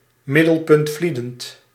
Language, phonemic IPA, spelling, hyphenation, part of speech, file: Dutch, /ˌmɪ.dəl.pʏntˈfli.dənt/, middelpuntvliedend, mid‧del‧punt‧vlie‧dend, adjective, Nl-middelpuntvliedend.ogg
- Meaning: centrifugal